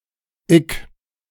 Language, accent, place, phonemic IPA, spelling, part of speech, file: German, Germany, Berlin, /ɪk/, ick, pronoun, De-ick.ogg
- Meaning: I